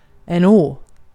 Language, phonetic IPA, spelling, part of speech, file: Swedish, [oə̯], å, character / noun / preposition / conjunction / particle, Sv-å.ogg
- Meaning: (character) The third to last letter of the Swedish alphabet, called å and written in the Latin script; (noun) a river, a creek, a big stream; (preposition) on